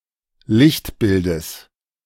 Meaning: genitive of Lichtbild
- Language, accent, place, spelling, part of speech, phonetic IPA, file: German, Germany, Berlin, Lichtbildes, noun, [ˈlɪçtˌbɪldəs], De-Lichtbildes.ogg